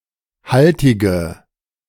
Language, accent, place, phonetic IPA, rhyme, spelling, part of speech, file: German, Germany, Berlin, [ˈhaltɪɡə], -altɪɡə, haltige, adjective, De-haltige.ogg
- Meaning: inflection of haltig: 1. strong/mixed nominative/accusative feminine singular 2. strong nominative/accusative plural 3. weak nominative all-gender singular 4. weak accusative feminine/neuter singular